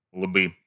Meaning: nominative/accusative plural of лоб (lob)
- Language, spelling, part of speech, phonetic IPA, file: Russian, лбы, noun, [ɫbɨ], Ru-лбы.ogg